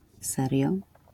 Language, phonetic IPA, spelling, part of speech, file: Polish, [ˈsɛrʲjɔ], serio, adverb / noun, LL-Q809 (pol)-serio.wav